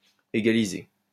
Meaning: 1. to equal 2. to equate to
- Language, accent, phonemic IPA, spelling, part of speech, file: French, France, /e.ɡa.le/, égaler, verb, LL-Q150 (fra)-égaler.wav